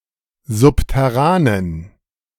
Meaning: inflection of subterran: 1. strong genitive masculine/neuter singular 2. weak/mixed genitive/dative all-gender singular 3. strong/weak/mixed accusative masculine singular 4. strong dative plural
- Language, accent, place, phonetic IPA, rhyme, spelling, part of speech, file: German, Germany, Berlin, [ˌzʊptɛˈʁaːnən], -aːnən, subterranen, adjective, De-subterranen.ogg